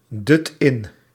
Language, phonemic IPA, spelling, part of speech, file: Dutch, /ˈdʏt ˈɪn/, dut in, verb, Nl-dut in.ogg
- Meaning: inflection of indutten: 1. first/second/third-person singular present indicative 2. imperative